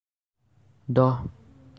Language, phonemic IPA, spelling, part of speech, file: Assamese, /dɔɦ/, দহ, numeral, As-দহ.ogg
- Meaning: ten